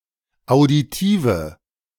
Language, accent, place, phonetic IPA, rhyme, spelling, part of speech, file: German, Germany, Berlin, [aʊ̯diˈtiːvə], -iːvə, auditive, adjective, De-auditive.ogg
- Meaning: inflection of auditiv: 1. strong/mixed nominative/accusative feminine singular 2. strong nominative/accusative plural 3. weak nominative all-gender singular 4. weak accusative feminine/neuter singular